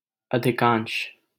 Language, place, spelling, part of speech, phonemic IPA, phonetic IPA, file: Hindi, Delhi, अधिकांश, adjective / noun, /ə.d̪ʱɪ.kɑːnʃ/, [ɐ.d̪ʱɪ.kä̃ːɲʃ], LL-Q1568 (hin)-अधिकांश.wav
- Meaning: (adjective) majority, major, more; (noun) majority